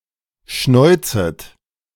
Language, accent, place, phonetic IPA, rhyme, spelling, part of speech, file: German, Germany, Berlin, [ˈʃnɔɪ̯t͡sət], -ɔɪ̯t͡sət, schnäuzet, verb, De-schnäuzet.ogg
- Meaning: second-person plural subjunctive I of schnäuzen